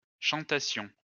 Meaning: first-person plural imperfect subjunctive of chanter
- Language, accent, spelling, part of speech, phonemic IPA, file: French, France, chantassions, verb, /ʃɑ̃.ta.sjɔ̃/, LL-Q150 (fra)-chantassions.wav